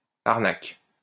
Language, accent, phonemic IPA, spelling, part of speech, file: French, France, /aʁ.nak/, arnaque, noun / verb, LL-Q150 (fra)-arnaque.wav
- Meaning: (noun) con, rip-off, swindling; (verb) inflection of arnaquer: 1. first/third-person singular present indicative/subjunctive 2. second-person singular imperative